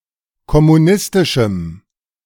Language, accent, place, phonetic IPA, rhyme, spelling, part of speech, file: German, Germany, Berlin, [kɔmuˈnɪstɪʃm̩], -ɪstɪʃm̩, kommunistischem, adjective, De-kommunistischem.ogg
- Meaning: strong dative masculine/neuter singular of kommunistisch